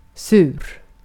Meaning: 1. sour (having the characteristic taste of for example a lemon or vinegar) 2. sour (rancid) 3. acidic 4. angry, annoyed 5. bad, sour (of a feeling or the like)
- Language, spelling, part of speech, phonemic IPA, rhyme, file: Swedish, sur, adjective, /sʉːr/, -ʉːr, Sv-sur.ogg